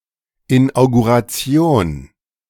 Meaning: inauguration
- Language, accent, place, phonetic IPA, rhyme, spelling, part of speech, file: German, Germany, Berlin, [ˌɪnʔaʊ̯ɡuʁaˈt͡si̯oːn], -oːn, Inauguration, noun, De-Inauguration.ogg